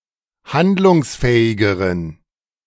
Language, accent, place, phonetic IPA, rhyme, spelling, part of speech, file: German, Germany, Berlin, [ˈhandlʊŋsˌfɛːɪɡəʁən], -andlʊŋsfɛːɪɡəʁən, handlungsfähigeren, adjective, De-handlungsfähigeren.ogg
- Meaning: inflection of handlungsfähig: 1. strong genitive masculine/neuter singular comparative degree 2. weak/mixed genitive/dative all-gender singular comparative degree